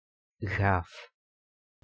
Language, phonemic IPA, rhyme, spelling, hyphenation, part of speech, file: Dutch, /ɣaːf/, -aːf, gaaf, gaaf, adjective, Nl-gaaf.ogg
- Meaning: 1. whole, complete, not injured 2. smooth 3. cool, awesome